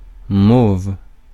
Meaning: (noun) 1. mallow 2. mauve 3. mew, gull, seagull
- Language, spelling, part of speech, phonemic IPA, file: French, mauve, noun / adjective, /mov/, Fr-mauve.ogg